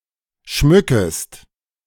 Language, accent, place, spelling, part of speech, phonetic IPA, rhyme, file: German, Germany, Berlin, schmückest, verb, [ˈʃmʏkəst], -ʏkəst, De-schmückest.ogg
- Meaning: second-person singular subjunctive I of schmücken